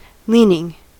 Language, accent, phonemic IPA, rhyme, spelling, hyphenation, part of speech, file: English, US, /ˈliːnɪŋ/, -iːnɪŋ, leaning, lean‧ing, noun / verb, En-us-leaning.ogg
- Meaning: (noun) A tendency or propensity; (verb) present participle and gerund of lean